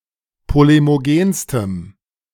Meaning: strong dative masculine/neuter singular superlative degree of polemogen
- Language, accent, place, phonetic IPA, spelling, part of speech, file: German, Germany, Berlin, [ˌpolemoˈɡeːnstəm], polemogenstem, adjective, De-polemogenstem.ogg